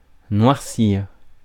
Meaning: 1. to blacken (to make black) 2. to get drunk
- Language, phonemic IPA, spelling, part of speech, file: French, /nwaʁ.siʁ/, noircir, verb, Fr-noircir.ogg